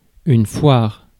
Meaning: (noun) 1. a fair, an exposition 2. artisans' market 3. diarrhoea 4. fuckup, mess; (verb) inflection of foirer: first/third-person singular present indicative/subjunctive
- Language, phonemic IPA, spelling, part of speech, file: French, /fwaʁ/, foire, noun / verb, Fr-foire.ogg